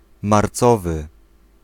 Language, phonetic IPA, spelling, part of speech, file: Polish, [mar.ˈt͡sɔ.vɨ], marcowy, adjective, Pl-marcowy.ogg